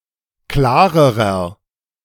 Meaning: inflection of klar: 1. strong/mixed nominative masculine singular comparative degree 2. strong genitive/dative feminine singular comparative degree 3. strong genitive plural comparative degree
- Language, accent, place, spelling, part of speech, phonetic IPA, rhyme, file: German, Germany, Berlin, klarerer, adjective, [ˈklaːʁəʁɐ], -aːʁəʁɐ, De-klarerer.ogg